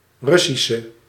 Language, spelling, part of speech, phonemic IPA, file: Dutch, Russische, adjective, /ˈrʏ.si.sə/, Nl-Russische.ogg
- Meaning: inflection of Russisch: 1. masculine/feminine singular attributive 2. definite neuter singular attributive 3. plural attributive